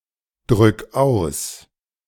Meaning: 1. singular imperative of ausdrücken 2. first-person singular present of ausdrücken
- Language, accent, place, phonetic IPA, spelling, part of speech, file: German, Germany, Berlin, [ˌdʁʏk ˈaʊ̯s], drück aus, verb, De-drück aus.ogg